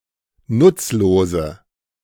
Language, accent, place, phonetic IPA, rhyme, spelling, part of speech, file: German, Germany, Berlin, [ˈnʊt͡sˌloːzə], -ʊt͡sloːzə, nutzlose, adjective, De-nutzlose.ogg
- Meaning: inflection of nutzlos: 1. strong/mixed nominative/accusative feminine singular 2. strong nominative/accusative plural 3. weak nominative all-gender singular 4. weak accusative feminine/neuter singular